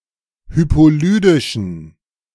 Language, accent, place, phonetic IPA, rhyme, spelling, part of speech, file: German, Germany, Berlin, [ˌhypoˈlyːdɪʃn̩], -yːdɪʃn̩, hypolydischen, adjective, De-hypolydischen.ogg
- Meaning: inflection of hypolydisch: 1. strong genitive masculine/neuter singular 2. weak/mixed genitive/dative all-gender singular 3. strong/weak/mixed accusative masculine singular 4. strong dative plural